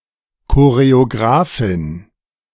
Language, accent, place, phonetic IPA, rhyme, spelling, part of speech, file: German, Germany, Berlin, [koʁeoˈɡʁaːfɪn], -aːfɪn, Choreografin, noun, De-Choreografin.ogg
- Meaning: female equivalent of Choreograf